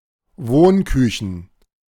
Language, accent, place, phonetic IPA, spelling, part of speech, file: German, Germany, Berlin, [ˈvoːnˌkʏçn̩], Wohnküchen, noun, De-Wohnküchen.ogg
- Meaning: plural of Wohnküche